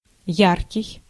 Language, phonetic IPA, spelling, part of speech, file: Russian, [ˈjarkʲɪj], яркий, adjective, Ru-яркий.ogg
- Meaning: 1. bright, brilliant, emitting or reflecting a large amount of light 2. bright, full, saturated 3. bright, full, saturated: vivid, memorizable 4. gaudy, colorful